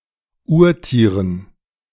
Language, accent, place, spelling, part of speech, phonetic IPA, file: German, Germany, Berlin, Urtieren, noun, [ˈuːɐ̯ˌtiːʁən], De-Urtieren.ogg
- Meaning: dative plural of Urtier